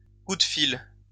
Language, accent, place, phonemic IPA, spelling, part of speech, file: French, France, Lyon, /ku d(ə) fil/, coup de fil, noun, LL-Q150 (fra)-coup de fil.wav
- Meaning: telephone call, ring, call, bell